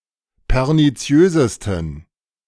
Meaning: 1. superlative degree of perniziös 2. inflection of perniziös: strong genitive masculine/neuter singular superlative degree
- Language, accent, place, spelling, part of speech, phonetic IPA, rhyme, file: German, Germany, Berlin, perniziösesten, adjective, [pɛʁniˈt͡si̯øːzəstn̩], -øːzəstn̩, De-perniziösesten.ogg